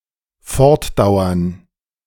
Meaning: to go on, continue
- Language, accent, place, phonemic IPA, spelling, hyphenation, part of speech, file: German, Germany, Berlin, /ˈfɔʁtˌdaʊ̯ɐn/, fortdauern, fort‧dauern, verb, De-fortdauern.ogg